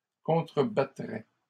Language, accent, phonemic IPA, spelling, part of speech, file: French, Canada, /kɔ̃.tʁə.ba.tʁɛ/, contrebattrait, verb, LL-Q150 (fra)-contrebattrait.wav
- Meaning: third-person singular conditional of contrebattre